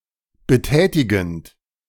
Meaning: present participle of betätigen
- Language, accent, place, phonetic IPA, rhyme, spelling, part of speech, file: German, Germany, Berlin, [bəˈtɛːtɪɡn̩t], -ɛːtɪɡn̩t, betätigend, verb, De-betätigend.ogg